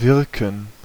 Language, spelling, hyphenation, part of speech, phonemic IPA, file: German, wirken, wir‧ken, verb, /ˈvɪrkən/, De-wirken.ogg
- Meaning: 1. to function, to be effective, to work 2. to appear, to seem 3. to have an effect 4. to perform (some action), to achieve (some effect), to work (cause to happen), to cast (a spell)